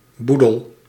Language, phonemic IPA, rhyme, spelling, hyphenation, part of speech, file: Dutch, /ˈbu.dəl/, -udəl, boedel, boe‧del, noun, Nl-boedel.ogg
- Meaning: estate (movable estate, not real estate)